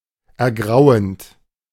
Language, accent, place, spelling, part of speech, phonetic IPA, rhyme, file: German, Germany, Berlin, ergrauend, verb, [ɛɐ̯ˈɡʁaʊ̯ənt], -aʊ̯ənt, De-ergrauend.ogg
- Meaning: present participle of ergrauen